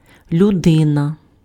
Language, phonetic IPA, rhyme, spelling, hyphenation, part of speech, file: Ukrainian, [lʲʊˈdɪnɐ], -ɪnɐ, людина, лю‧ди‧на, noun, Uk-людина.ogg
- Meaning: 1. man, person, human being, singular of люди (ljudy) (a people, folk, mankind, men) 2. a person embodying superior intellectual or moral qualities, a mensch